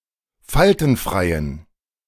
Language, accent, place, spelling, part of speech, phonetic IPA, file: German, Germany, Berlin, faltenfreien, adjective, [ˈfaltn̩ˌfʁaɪ̯ən], De-faltenfreien.ogg
- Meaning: inflection of faltenfrei: 1. strong genitive masculine/neuter singular 2. weak/mixed genitive/dative all-gender singular 3. strong/weak/mixed accusative masculine singular 4. strong dative plural